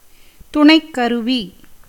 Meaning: equipment
- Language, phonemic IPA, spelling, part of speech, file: Tamil, /t̪ʊɳɐɪ̯kːɐɾʊʋiː/, துணைக்கருவி, noun, Ta-துணைக்கருவி.ogg